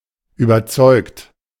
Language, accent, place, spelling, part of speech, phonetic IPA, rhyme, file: German, Germany, Berlin, überzeugt, verb, [yːbɐˈt͡sɔɪ̯kt], -ɔɪ̯kt, De-überzeugt.ogg
- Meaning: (verb) past participle of überzeugen; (adjective) convinced (having conviction in a fact being true, especially in the face of disagreement)